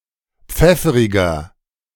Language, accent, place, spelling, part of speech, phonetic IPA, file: German, Germany, Berlin, pfefferiger, adjective, [ˈp͡fɛfəʁɪɡɐ], De-pfefferiger.ogg
- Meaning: 1. comparative degree of pfefferig 2. inflection of pfefferig: strong/mixed nominative masculine singular 3. inflection of pfefferig: strong genitive/dative feminine singular